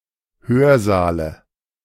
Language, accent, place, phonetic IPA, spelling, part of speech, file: German, Germany, Berlin, [ˈhøːɐ̯ˌzaːlə], Hörsaale, noun, De-Hörsaale.ogg
- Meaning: dative singular of Hörsaal